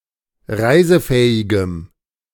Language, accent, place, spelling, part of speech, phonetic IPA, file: German, Germany, Berlin, reisefähigem, adjective, [ˈʁaɪ̯zəˌfɛːɪɡəm], De-reisefähigem.ogg
- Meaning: strong dative masculine/neuter singular of reisefähig